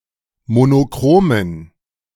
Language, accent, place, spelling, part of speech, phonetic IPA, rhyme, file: German, Germany, Berlin, monochromen, adjective, [monoˈkʁoːmən], -oːmən, De-monochromen.ogg
- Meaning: inflection of monochrom: 1. strong genitive masculine/neuter singular 2. weak/mixed genitive/dative all-gender singular 3. strong/weak/mixed accusative masculine singular 4. strong dative plural